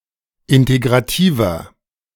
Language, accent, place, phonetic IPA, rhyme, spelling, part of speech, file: German, Germany, Berlin, [ˌɪnteɡʁaˈtiːvɐ], -iːvɐ, integrativer, adjective, De-integrativer.ogg
- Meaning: 1. comparative degree of integrativ 2. inflection of integrativ: strong/mixed nominative masculine singular 3. inflection of integrativ: strong genitive/dative feminine singular